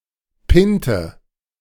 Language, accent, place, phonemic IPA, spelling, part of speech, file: German, Germany, Berlin, /ˈpɪntə/, Pinte, noun, De-Pinte.ogg
- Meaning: 1. pub 2. pint